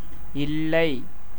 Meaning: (particle) no; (adverb) not; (interjection) right, isn't it? (with rising intonation)
- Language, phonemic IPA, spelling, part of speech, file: Tamil, /ɪllɐɪ̯/, இல்லை, particle / adverb / interjection, Ta-இல்லை.ogg